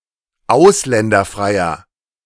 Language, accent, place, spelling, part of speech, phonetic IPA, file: German, Germany, Berlin, ausländerfreier, adjective, [ˈaʊ̯slɛndɐˌfʁaɪ̯ɐ], De-ausländerfreier.ogg
- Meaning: inflection of ausländerfrei: 1. strong/mixed nominative masculine singular 2. strong genitive/dative feminine singular 3. strong genitive plural